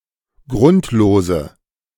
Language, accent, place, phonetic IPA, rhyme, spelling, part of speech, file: German, Germany, Berlin, [ˈɡʁʊntloːzə], -ʊntloːzə, grundlose, adjective, De-grundlose.ogg
- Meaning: inflection of grundlos: 1. strong/mixed nominative/accusative feminine singular 2. strong nominative/accusative plural 3. weak nominative all-gender singular